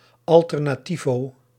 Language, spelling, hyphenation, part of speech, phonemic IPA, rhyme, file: Dutch, alternativo, al‧ter‧na‧ti‧vo, noun, /ˌɑl.tər.naːˈti.voː/, -ivoː, Nl-alternativo.ogg
- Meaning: someone who participates in an alternative subculture (e.g. a hipster, emo or punk) and typically has leftist opinions